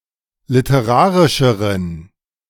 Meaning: inflection of literarisch: 1. strong genitive masculine/neuter singular comparative degree 2. weak/mixed genitive/dative all-gender singular comparative degree
- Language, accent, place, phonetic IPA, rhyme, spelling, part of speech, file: German, Germany, Berlin, [lɪtəˈʁaːʁɪʃəʁən], -aːʁɪʃəʁən, literarischeren, adjective, De-literarischeren.ogg